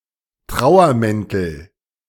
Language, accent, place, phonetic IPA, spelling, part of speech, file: German, Germany, Berlin, [ˈtʁaʊ̯ɐˌmɛntl̩], Trauermäntel, noun, De-Trauermäntel.ogg
- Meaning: nominative/accusative/genitive plural of Trauermantel